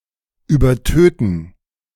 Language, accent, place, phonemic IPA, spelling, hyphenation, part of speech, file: German, Germany, Berlin, /yːbɐˈtøːtn̩/, übertöten, übertöten, verb, De-übertöten.ogg
- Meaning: to overkill